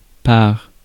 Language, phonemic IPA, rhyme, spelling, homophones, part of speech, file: French, /paʁ/, -aʁ, par, pars / part / parts, preposition / noun, Fr-par.ogg
- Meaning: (preposition) 1. through 2. by (used to introduce a means; used to introduce an agent in a passive construction) 3. over (used to express direction)